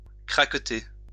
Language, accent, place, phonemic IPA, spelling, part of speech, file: French, France, Lyon, /kʁak.te/, craqueter, verb, LL-Q150 (fra)-craqueter.wav
- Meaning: to crackle, snap, crepitate